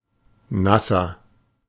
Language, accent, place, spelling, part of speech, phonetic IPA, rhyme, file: German, Germany, Berlin, nasser, adjective, [ˈnasɐ], -asɐ, De-nasser.ogg
- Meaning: inflection of nass: 1. strong/mixed nominative masculine singular 2. strong genitive/dative feminine singular 3. strong genitive plural